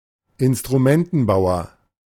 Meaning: instrument maker
- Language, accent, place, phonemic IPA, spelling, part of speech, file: German, Germany, Berlin, /ɪnstʁuˈmɛntn̩baʊ̯ɐ/, Instrumentenbauer, noun, De-Instrumentenbauer.ogg